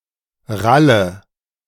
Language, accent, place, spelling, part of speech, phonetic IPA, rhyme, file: German, Germany, Berlin, ralle, verb, [ˈʁalə], -alə, De-ralle.ogg
- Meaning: inflection of rallen: 1. first-person singular present 2. first/third-person singular subjunctive I 3. singular imperative